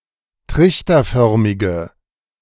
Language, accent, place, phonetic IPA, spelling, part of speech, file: German, Germany, Berlin, [ˈtʁɪçtɐˌfœʁmɪɡə], trichterförmige, adjective, De-trichterförmige.ogg
- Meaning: inflection of trichterförmig: 1. strong/mixed nominative/accusative feminine singular 2. strong nominative/accusative plural 3. weak nominative all-gender singular